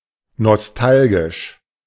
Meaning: nostalgic
- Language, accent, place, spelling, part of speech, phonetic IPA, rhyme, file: German, Germany, Berlin, nostalgisch, adjective, [nɔsˈtalɡɪʃ], -alɡɪʃ, De-nostalgisch.ogg